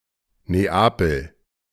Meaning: Naples (a port city and comune, the capital of the Metropolitan City of Naples and the region of Campania, Italy)
- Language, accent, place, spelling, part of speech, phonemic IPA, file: German, Germany, Berlin, Neapel, proper noun, /neˈaːpəl/, De-Neapel.ogg